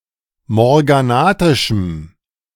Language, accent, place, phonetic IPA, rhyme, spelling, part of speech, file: German, Germany, Berlin, [mɔʁɡaˈnaːtɪʃm̩], -aːtɪʃm̩, morganatischem, adjective, De-morganatischem.ogg
- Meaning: strong dative masculine/neuter singular of morganatisch